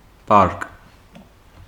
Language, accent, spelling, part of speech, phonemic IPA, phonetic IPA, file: Armenian, Eastern Armenian, պարկ, noun, /pɑɾk/, [pɑɾk], Hy-պարկ.ogg
- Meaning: large bag, sack